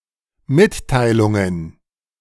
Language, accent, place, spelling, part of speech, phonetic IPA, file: German, Germany, Berlin, Mitteilungen, noun, [ˈmɪttaɪ̯lʊŋən], De-Mitteilungen.ogg
- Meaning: plural of Mitteilung